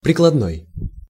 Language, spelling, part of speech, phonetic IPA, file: Russian, прикладной, adjective, [prʲɪkɫɐdˈnoj], Ru-прикладной.ogg
- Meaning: applied, practical